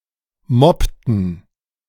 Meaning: inflection of mobben: 1. first/third-person plural preterite 2. first/third-person plural subjunctive II
- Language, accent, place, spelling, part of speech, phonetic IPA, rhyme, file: German, Germany, Berlin, mobbten, verb, [ˈmɔptn̩], -ɔptn̩, De-mobbten.ogg